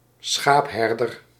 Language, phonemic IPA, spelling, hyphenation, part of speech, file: Dutch, /ˈsxaːpsˌɦɛr.dər/, schaapsherder, schaaps‧her‧der, noun, Nl-schaapsherder.ogg
- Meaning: a sheepherder